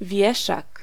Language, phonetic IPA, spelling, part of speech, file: Polish, [ˈvʲjɛʃak], wieszak, noun, Pl-wieszak.ogg